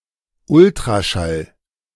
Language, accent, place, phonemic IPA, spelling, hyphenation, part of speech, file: German, Germany, Berlin, /ˈʊltʁaʃal/, Ultraschall, Ul‧tra‧schall, noun, De-Ultraschall.ogg
- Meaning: ultrasound